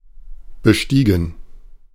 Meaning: past participle of besteigen
- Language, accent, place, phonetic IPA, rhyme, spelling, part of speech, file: German, Germany, Berlin, [bəˈʃtiːɡn̩], -iːɡn̩, bestiegen, verb, De-bestiegen.ogg